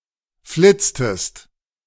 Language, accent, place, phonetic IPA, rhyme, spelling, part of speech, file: German, Germany, Berlin, [ˈflɪt͡stəst], -ɪt͡stəst, flitztest, verb, De-flitztest.ogg
- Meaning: inflection of flitzen: 1. second-person singular preterite 2. second-person singular subjunctive II